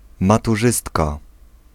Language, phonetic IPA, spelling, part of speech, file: Polish, [ˌmatuˈʒɨstka], maturzystka, noun, Pl-maturzystka.ogg